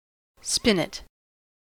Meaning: A short, compact harpsichord or piano
- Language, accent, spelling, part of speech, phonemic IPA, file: English, US, spinet, noun, /ˈspɪn.ɪt/, En-us-spinet.ogg